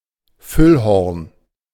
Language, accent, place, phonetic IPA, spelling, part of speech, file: German, Germany, Berlin, [ˈfʏlˌhɔʁn], Füllhorn, noun, De-Füllhorn.ogg
- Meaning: cornucopia, horn of plenty